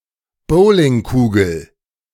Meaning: bowling ball
- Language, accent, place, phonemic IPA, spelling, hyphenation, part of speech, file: German, Germany, Berlin, /ˈboːlɪŋˌkuːɡl̩/, Bowlingkugel, Bow‧ling‧ku‧gel, noun, De-Bowlingkugel.ogg